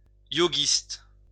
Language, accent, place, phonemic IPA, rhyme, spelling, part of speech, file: French, France, Lyon, /jo.ɡist/, -ist, yoguiste, adjective / noun, LL-Q150 (fra)-yoguiste.wav
- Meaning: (adjective) yogist